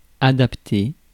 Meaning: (verb) past participle of adapter; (noun) adaptee
- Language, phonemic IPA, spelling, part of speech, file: French, /a.dap.te/, adapté, verb / noun, Fr-adapté.ogg